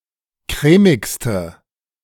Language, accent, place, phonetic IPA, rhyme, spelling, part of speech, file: German, Germany, Berlin, [ˈkʁɛːmɪkstə], -ɛːmɪkstə, crèmigste, adjective, De-crèmigste.ogg
- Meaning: inflection of crèmig: 1. strong/mixed nominative/accusative feminine singular superlative degree 2. strong nominative/accusative plural superlative degree